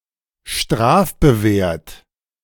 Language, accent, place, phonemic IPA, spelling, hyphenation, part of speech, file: German, Germany, Berlin, /ˈʃtʁaːfbəˌveːɐ̯t/, strafbewehrt, straf‧be‧wehrt, adjective, De-strafbewehrt.ogg
- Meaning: enforced by penalty